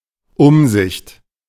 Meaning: 1. policy 2. prudence 3. providence 4. discretion
- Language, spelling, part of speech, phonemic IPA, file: German, Umsicht, noun, /ˈʊmˌzɪçt/, De-Umsicht.oga